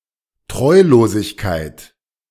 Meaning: disloyalty, perfidy
- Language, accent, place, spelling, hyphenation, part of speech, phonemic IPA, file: German, Germany, Berlin, Treulosigkeit, Treu‧lo‧sig‧keit, noun, /ˈtʁɔɪ̯loːzɪçkaɪ̯t/, De-Treulosigkeit.ogg